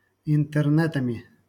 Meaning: instrumental plural of интерне́т (intɛrnɛ́t)
- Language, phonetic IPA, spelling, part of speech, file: Russian, [ɪntɨrˈnɛtəmʲɪ], интернетами, noun, LL-Q7737 (rus)-интернетами.wav